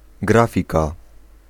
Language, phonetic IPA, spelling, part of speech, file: Polish, [ˈɡrafʲika], grafika, noun, Pl-grafika.ogg